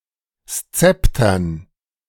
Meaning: dative plural of Szepter
- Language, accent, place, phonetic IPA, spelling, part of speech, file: German, Germany, Berlin, [ˈst͡sɛptɐn], Szeptern, noun, De-Szeptern.ogg